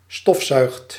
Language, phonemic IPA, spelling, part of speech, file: Dutch, /ˈstɔf.sœy̯xt/, stofzuigt, verb, Nl-stofzuigt.ogg
- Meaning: inflection of stofzuigen: 1. second/third-person singular present indicative 2. plural imperative